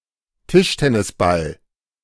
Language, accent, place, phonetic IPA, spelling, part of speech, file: German, Germany, Berlin, [ˈtɪʃtɛnɪsˌbal], Tischtennisball, noun, De-Tischtennisball.ogg
- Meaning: table tennis ball